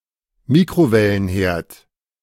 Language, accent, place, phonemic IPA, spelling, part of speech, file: German, Germany, Berlin, /ˈmiːkʁoˌvɛlənˌheːɐ̯t/, Mikrowellenherd, noun, De-Mikrowellenherd.ogg
- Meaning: microwave oven (appliance for cooking food using microwave energy)